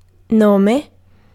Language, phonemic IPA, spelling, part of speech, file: Italian, /ˈnome/, nome, noun, It-nome.ogg